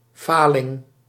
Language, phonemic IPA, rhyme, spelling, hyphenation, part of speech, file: Dutch, /ˈfaː.lɪŋ/, -aːlɪŋ, faling, fa‧ling, noun, Nl-faling.ogg
- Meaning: 1. bankruptcy 2. failure, shortcoming